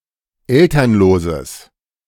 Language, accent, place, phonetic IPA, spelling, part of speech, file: German, Germany, Berlin, [ˈɛltɐnloːzəs], elternloses, adjective, De-elternloses.ogg
- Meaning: strong/mixed nominative/accusative neuter singular of elternlos